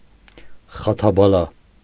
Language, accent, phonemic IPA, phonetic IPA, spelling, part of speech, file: Armenian, Eastern Armenian, /χɑtʰɑbɑˈlɑ/, [χɑtʰɑbɑlɑ́], խաթաբալա, noun, Hy-խաթաբալա.ogg
- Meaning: misfortune, setback, troubles